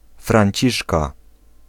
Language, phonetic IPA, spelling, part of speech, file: Polish, [frãɲˈt͡ɕiʃka], Franciszka, proper noun / noun, Pl-Franciszka.ogg